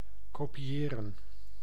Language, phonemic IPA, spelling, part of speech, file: Dutch, /ˌkoː.piˈeː.rə(n)/, kopiëren, verb, Nl-kopiëren.ogg
- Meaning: to copy